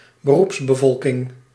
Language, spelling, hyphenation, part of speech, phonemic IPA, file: Dutch, beroepsbevolking, be‧roeps‧be‧vol‧king, noun, /bəˈrups.bəˌvɔl.kɪŋ/, Nl-beroepsbevolking.ogg
- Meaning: work force